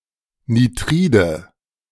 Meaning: nominative/accusative/genitive plural of Nitrid
- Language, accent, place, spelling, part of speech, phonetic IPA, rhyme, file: German, Germany, Berlin, Nitride, noun, [niˈtʁiːdə], -iːdə, De-Nitride.ogg